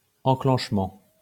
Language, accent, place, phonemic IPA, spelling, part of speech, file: French, France, Lyon, /ɑ̃.klɑ̃ʃ.mɑ̃/, enclenchement, noun, LL-Q150 (fra)-enclenchement.wav
- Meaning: 1. engaging 2. interlock